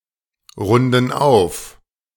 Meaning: inflection of aufrunden: 1. first/third-person plural present 2. first/third-person plural subjunctive I
- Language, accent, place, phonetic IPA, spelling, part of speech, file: German, Germany, Berlin, [ˌʁʊndn̩ ˈaʊ̯f], runden auf, verb, De-runden auf.ogg